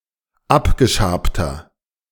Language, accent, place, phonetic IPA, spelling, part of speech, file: German, Germany, Berlin, [ˈapɡəˌʃaːptɐ], abgeschabter, adjective, De-abgeschabter.ogg
- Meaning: inflection of abgeschabt: 1. strong/mixed nominative masculine singular 2. strong genitive/dative feminine singular 3. strong genitive plural